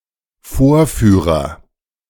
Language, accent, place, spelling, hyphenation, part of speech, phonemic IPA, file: German, Germany, Berlin, Vorführer, Vor‧füh‧rer, noun, /ˈfoːɐ̯ˌfyːʁɐ/, De-Vorführer.ogg
- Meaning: 1. agent noun of vorführen 2. agent noun of vorführen: demonstrator, performer